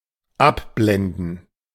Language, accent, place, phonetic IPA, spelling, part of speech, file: German, Germany, Berlin, [ˈapˌblɛndn̩], abblenden, verb, De-abblenden.ogg
- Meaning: to dim